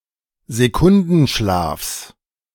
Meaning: genitive singular of Sekundenschlaf
- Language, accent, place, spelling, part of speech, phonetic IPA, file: German, Germany, Berlin, Sekundenschlafs, noun, [zeˈkʊndn̩ˌʃlaːfs], De-Sekundenschlafs.ogg